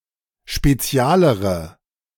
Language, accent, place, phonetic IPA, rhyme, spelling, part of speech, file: German, Germany, Berlin, [ʃpeˈt͡si̯aːləʁə], -aːləʁə, spezialere, adjective, De-spezialere.ogg
- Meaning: inflection of spezial: 1. strong/mixed nominative/accusative feminine singular comparative degree 2. strong nominative/accusative plural comparative degree